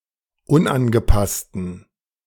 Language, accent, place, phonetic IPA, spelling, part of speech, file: German, Germany, Berlin, [ˈʊnʔanɡəˌpastn̩], unangepassten, adjective, De-unangepassten.ogg
- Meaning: inflection of unangepasst: 1. strong genitive masculine/neuter singular 2. weak/mixed genitive/dative all-gender singular 3. strong/weak/mixed accusative masculine singular 4. strong dative plural